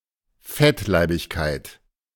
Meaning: obesity
- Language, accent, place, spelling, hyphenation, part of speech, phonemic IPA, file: German, Germany, Berlin, Fettleibigkeit, Fett‧lei‧big‧keit, noun, /ˈfɛtˌlaɪ̯bɪçkaɪ̯t/, De-Fettleibigkeit.ogg